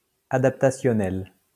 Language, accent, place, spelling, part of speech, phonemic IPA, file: French, France, Lyon, adaptationnel, adjective, /a.dap.ta.sjɔ.nɛl/, LL-Q150 (fra)-adaptationnel.wav
- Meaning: adaptation; adaptional